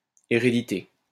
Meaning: 1. heredity (transmission of genetic features) 2. succession (to a throne or office)
- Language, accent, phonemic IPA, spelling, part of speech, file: French, France, /e.ʁe.di.te/, hérédité, noun, LL-Q150 (fra)-hérédité.wav